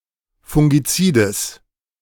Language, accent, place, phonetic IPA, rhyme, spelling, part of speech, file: German, Germany, Berlin, [fʊŋɡiˈt͡siːdəs], -iːdəs, fungizides, adjective, De-fungizides.ogg
- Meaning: strong/mixed nominative/accusative neuter singular of fungizid